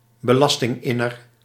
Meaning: tax collector
- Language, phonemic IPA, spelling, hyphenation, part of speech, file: Dutch, /bəˈlɑs.tɪŋˌɪ.nər/, belastinginner, be‧las‧ting‧in‧ner, noun, Nl-belastinginner.ogg